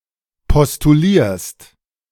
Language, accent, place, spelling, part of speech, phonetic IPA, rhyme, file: German, Germany, Berlin, postulierst, verb, [pɔstuˈliːɐ̯st], -iːɐ̯st, De-postulierst.ogg
- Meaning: second-person singular present of postulieren